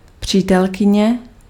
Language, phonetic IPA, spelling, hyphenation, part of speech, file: Czech, [ˈpr̝̊iːtɛlkɪɲɛ], přítelkyně, pří‧tel‧ky‧ně, noun, Cs-přítelkyně.ogg
- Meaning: 1. girlfriend (female partner in a romantic relationship) 2. girl friend (female friend)